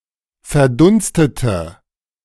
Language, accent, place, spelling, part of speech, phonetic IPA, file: German, Germany, Berlin, verdunstete, adjective / verb, [fɛɐ̯ˈdʊnstətə], De-verdunstete.ogg
- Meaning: inflection of verdunstet: 1. strong/mixed nominative/accusative feminine singular 2. strong nominative/accusative plural 3. weak nominative all-gender singular